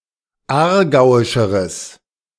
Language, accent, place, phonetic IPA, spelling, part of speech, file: German, Germany, Berlin, [ˈaːɐ̯ˌɡaʊ̯ɪʃəʁəs], aargauischeres, adjective, De-aargauischeres.ogg
- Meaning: strong/mixed nominative/accusative neuter singular comparative degree of aargauisch